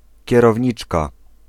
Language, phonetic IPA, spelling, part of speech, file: Polish, [ˌcɛrɔvʲˈɲit͡ʃka], kierowniczka, noun, Pl-kierowniczka.ogg